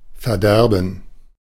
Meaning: 1. to deprive (someone) of (something); to rob (someone) of (some feeling) 2. to ruin; to render (something) useless; to corrupt; to spoil 3. to spoil; to rot; to perish
- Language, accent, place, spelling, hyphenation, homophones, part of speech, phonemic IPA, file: German, Germany, Berlin, verderben, ver‧der‧ben, Verderben, verb, /fɛɐ̯ˈdɛʁbən/, De-verderben.ogg